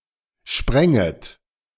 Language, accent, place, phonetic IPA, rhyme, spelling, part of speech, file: German, Germany, Berlin, [ˈʃpʁɛŋət], -ɛŋət, spränget, verb, De-spränget.ogg
- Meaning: second-person plural subjunctive II of springen